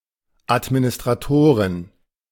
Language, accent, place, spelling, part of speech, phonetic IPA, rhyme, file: German, Germany, Berlin, Administratoren, noun, [ˌatminɪstʁaˈtoːʁən], -oːʁən, De-Administratoren.ogg
- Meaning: plural of Administrator